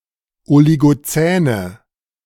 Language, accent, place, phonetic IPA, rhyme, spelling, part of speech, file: German, Germany, Berlin, [oliɡoˈt͡sɛːnə], -ɛːnə, oligozäne, adjective, De-oligozäne.ogg
- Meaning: inflection of oligozän: 1. strong/mixed nominative/accusative feminine singular 2. strong nominative/accusative plural 3. weak nominative all-gender singular